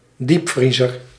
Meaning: a freezer
- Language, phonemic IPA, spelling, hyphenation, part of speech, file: Dutch, /ˈdipˌfri.zər/, diepvriezer, diep‧vrie‧zer, noun, Nl-diepvriezer.ogg